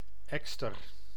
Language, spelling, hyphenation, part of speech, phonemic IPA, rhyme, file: Dutch, ekster, ek‧ster, noun, /ˈɛk.stər/, -ɛkstər, Nl-ekster.ogg
- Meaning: 1. Eurasian magpie (Pica pica) 2. magpie (any of various corvids, particularly of the genus Pica)